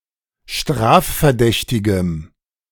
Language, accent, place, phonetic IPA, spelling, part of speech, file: German, Germany, Berlin, [ˈʃtʁaːffɛɐ̯ˌdɛçtɪɡəm], strafverdächtigem, adjective, De-strafverdächtigem.ogg
- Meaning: strong dative masculine/neuter singular of strafverdächtig